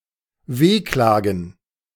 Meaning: gerund of wehklagen
- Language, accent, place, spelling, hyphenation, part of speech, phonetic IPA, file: German, Germany, Berlin, Wehklagen, Weh‧kla‧gen, noun, [ˈveːˌklaːɡn̩], De-Wehklagen.ogg